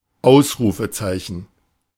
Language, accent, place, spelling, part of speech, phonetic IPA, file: German, Germany, Berlin, Ausrufezeichen, noun, [ˈaʊ̯sʁuːfəˌt͡saɪ̯çn̩], De-Ausrufezeichen.ogg
- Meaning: exclamation mark